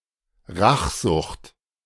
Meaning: vindictiveness, vengefulness, strong desire for revenge
- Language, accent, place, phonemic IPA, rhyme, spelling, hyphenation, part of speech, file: German, Germany, Berlin, /ˈʁaχˌzʊχt/, -ʊχt, Rachsucht, Rach‧sucht, noun, De-Rachsucht.ogg